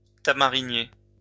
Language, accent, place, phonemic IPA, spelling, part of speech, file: French, France, Lyon, /ta.ma.ʁi.nje/, tamarinier, noun, LL-Q150 (fra)-tamarinier.wav
- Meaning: tamarind (tree)